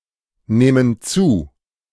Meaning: first/third-person plural subjunctive II of zunehmen
- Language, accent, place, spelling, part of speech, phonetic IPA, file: German, Germany, Berlin, nähmen zu, verb, [ˌnɛːmən ˈt͡suː], De-nähmen zu.ogg